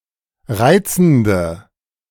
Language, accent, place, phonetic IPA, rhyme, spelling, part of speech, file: German, Germany, Berlin, [ˈʁaɪ̯t͡sn̩də], -aɪ̯t͡sn̩də, reizende, adjective, De-reizende.ogg
- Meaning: inflection of reizend: 1. strong/mixed nominative/accusative feminine singular 2. strong nominative/accusative plural 3. weak nominative all-gender singular 4. weak accusative feminine/neuter singular